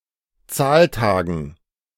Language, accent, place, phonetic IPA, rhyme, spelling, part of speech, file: German, Germany, Berlin, [ˈt͡saːlˌtaːɡn̩], -aːltaːɡn̩, Zahltagen, noun, De-Zahltagen.ogg
- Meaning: dative plural of Zahltag